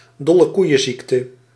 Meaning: the mad cow disease, BSE
- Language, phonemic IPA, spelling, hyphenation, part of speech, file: Dutch, /dɔ.ləˈkui̯.ə(n)ˌzik.tə/, dollekoeienziekte, dol‧le‧koei‧en‧ziek‧te, noun, Nl-dollekoeienziekte.ogg